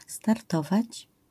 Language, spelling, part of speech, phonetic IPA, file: Polish, startować, verb, [starˈtɔvat͡ɕ], LL-Q809 (pol)-startować.wav